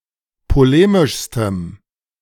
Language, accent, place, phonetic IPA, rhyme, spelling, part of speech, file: German, Germany, Berlin, [poˈleːmɪʃstəm], -eːmɪʃstəm, polemischstem, adjective, De-polemischstem.ogg
- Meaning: strong dative masculine/neuter singular superlative degree of polemisch